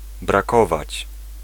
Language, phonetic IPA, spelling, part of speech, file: Polish, [braˈkɔvat͡ɕ], brakować, verb, Pl-brakować.ogg